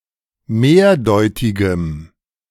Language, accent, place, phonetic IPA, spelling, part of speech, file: German, Germany, Berlin, [ˈmeːɐ̯ˌdɔɪ̯tɪɡəm], mehrdeutigem, adjective, De-mehrdeutigem.ogg
- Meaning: strong dative masculine/neuter singular of mehrdeutig